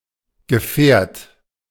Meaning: vehicle
- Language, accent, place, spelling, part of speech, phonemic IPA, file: German, Germany, Berlin, Gefährt, noun, /ɡəˈfɛːɐ̯t/, De-Gefährt.ogg